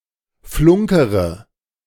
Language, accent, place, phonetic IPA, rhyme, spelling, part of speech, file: German, Germany, Berlin, [ˈflʊŋkəʁə], -ʊŋkəʁə, flunkere, verb, De-flunkere.ogg
- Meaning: inflection of flunkern: 1. first-person singular present 2. first-person plural subjunctive I 3. third-person singular subjunctive I 4. singular imperative